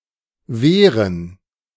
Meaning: 1. plural of Wehr 2. gerund of wehren
- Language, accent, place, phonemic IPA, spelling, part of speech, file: German, Germany, Berlin, /ˈveːʁən/, Wehren, noun, De-Wehren.ogg